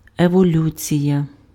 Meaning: evolution
- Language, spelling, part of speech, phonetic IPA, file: Ukrainian, еволюція, noun, [ewoˈlʲut͡sʲijɐ], Uk-еволюція.ogg